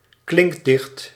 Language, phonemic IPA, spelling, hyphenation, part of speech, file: Dutch, /ˈklɪŋk.dɪxt/, klinkdicht, klink‧dicht, noun, Nl-klinkdicht.ogg
- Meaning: sonnet (poem consisting of an octave and a sextet)